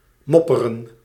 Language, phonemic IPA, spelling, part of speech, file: Dutch, /ˈmɔpərə(n)/, mopperen, verb, Nl-mopperen.ogg
- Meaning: to grumble